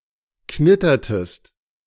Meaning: inflection of knittern: 1. second-person singular preterite 2. second-person singular subjunctive II
- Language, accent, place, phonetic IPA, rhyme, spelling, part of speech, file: German, Germany, Berlin, [ˈknɪtɐtəst], -ɪtɐtəst, knittertest, verb, De-knittertest.ogg